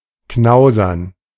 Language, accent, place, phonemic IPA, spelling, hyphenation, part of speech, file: German, Germany, Berlin, /ˈknaʊ̯zɐn/, knausern, knau‧sern, verb, De-knausern.ogg
- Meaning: to skimp